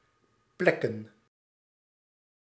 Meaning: plural of plek
- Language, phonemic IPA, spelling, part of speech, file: Dutch, /ˈplɛkə(n)/, plekken, verb / noun, Nl-plekken.ogg